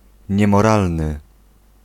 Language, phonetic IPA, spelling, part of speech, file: Polish, [ˌɲɛ̃mɔˈralnɨ], niemoralny, adjective, Pl-niemoralny.ogg